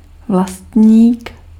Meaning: 1. owner, proprietor 2. male second cousin, son of a parent's cousin
- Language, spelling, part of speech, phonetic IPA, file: Czech, vlastník, noun, [ˈvlastɲiːk], Cs-vlastník.ogg